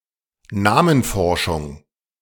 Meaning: onomastics
- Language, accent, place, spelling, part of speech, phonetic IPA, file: German, Germany, Berlin, Namenforschung, noun, [ˈnaːmənˌfɔʁʃʊŋ], De-Namenforschung.ogg